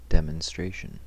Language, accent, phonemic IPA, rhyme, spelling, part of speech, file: English, US, /dɛmənˈstɹeɪʃən/, -eɪʃən, demonstration, noun, En-us-demonstration.ogg
- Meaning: 1. The act of demonstrating; showing or explaining something 2. The act of demonstrating; showing or explaining something.: A prisoner's act of beating up another prisoner